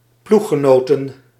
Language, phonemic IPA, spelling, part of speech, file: Dutch, /ˈpluxəˌnoːtə(n)/, ploeggenoten, noun, Nl-ploeggenoten.ogg
- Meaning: 1. plural of ploeggenoot 2. plural of ploeggenote